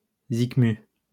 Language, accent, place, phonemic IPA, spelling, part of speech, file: French, France, Lyon, /zik.my/, zicmu, noun, LL-Q150 (fra)-zicmu.wav
- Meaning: synonym of musique